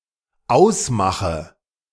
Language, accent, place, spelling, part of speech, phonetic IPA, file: German, Germany, Berlin, ausmache, verb, [ˈaʊ̯sˌmaxə], De-ausmache.ogg
- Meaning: inflection of ausmachen: 1. first-person singular dependent present 2. first/third-person singular dependent subjunctive I